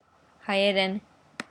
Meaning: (noun) Armenian (language); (adverb) in Armenian; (adjective) Armenian (of or pertaining to the language)
- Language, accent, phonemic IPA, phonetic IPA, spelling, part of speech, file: Armenian, Eastern Armenian, /hɑjeˈɾen/, [hɑjeɾén], հայերեն, noun / adverb / adjective, Hɑjɛɾɛn.ogg